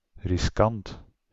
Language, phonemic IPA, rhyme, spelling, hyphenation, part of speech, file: Dutch, /rɪsˈkɑnt/, -ɑnt, riskant, ris‧kant, adjective, Nl-riskant.ogg
- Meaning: risky, daring